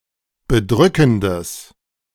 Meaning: strong/mixed nominative/accusative neuter singular of bedrückend
- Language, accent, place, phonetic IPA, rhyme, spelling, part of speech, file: German, Germany, Berlin, [bəˈdʁʏkn̩dəs], -ʏkn̩dəs, bedrückendes, adjective, De-bedrückendes.ogg